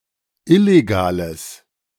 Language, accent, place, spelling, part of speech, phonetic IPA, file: German, Germany, Berlin, illegales, adjective, [ˈɪleɡaːləs], De-illegales.ogg
- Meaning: strong/mixed nominative/accusative neuter singular of illegal